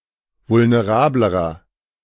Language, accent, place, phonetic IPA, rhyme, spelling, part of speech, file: German, Germany, Berlin, [vʊlneˈʁaːbləʁɐ], -aːbləʁɐ, vulnerablerer, adjective, De-vulnerablerer.ogg
- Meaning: inflection of vulnerabel: 1. strong/mixed nominative masculine singular comparative degree 2. strong genitive/dative feminine singular comparative degree 3. strong genitive plural comparative degree